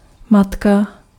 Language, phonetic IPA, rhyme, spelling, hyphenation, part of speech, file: Czech, [ˈmatka], -atka, matka, mat‧ka, noun, Cs-matka.ogg
- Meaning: 1. mother 2. nut (of a bolt)